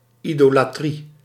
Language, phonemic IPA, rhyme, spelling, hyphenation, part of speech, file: Dutch, /ˌi.doː.laːˈtri/, -i, idolatrie, ido‧la‧trie, noun, Nl-idolatrie.ogg
- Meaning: 1. idolatry (worship of idols) 2. idolatry (adulation of people)